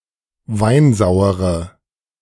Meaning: inflection of weinsauer: 1. strong/mixed nominative/accusative feminine singular 2. strong nominative/accusative plural 3. weak nominative all-gender singular
- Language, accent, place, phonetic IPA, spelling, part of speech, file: German, Germany, Berlin, [ˈvaɪ̯nˌzaʊ̯əʁə], weinsauere, adjective, De-weinsauere.ogg